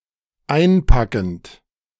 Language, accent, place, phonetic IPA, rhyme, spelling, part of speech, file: German, Germany, Berlin, [ˈaɪ̯nˌpakn̩t], -aɪ̯npakn̩t, einpackend, verb, De-einpackend.ogg
- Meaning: present participle of einpacken